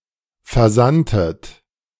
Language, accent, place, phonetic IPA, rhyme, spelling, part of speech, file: German, Germany, Berlin, [fɛɐ̯ˈzantət], -antət, versandtet, verb, De-versandtet.ogg
- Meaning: inflection of versenden: 1. second-person plural preterite 2. second-person plural subjunctive II